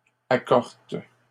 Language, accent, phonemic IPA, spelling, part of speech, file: French, Canada, /a.kɔʁt/, accortes, adjective, LL-Q150 (fra)-accortes.wav
- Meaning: feminine plural of accort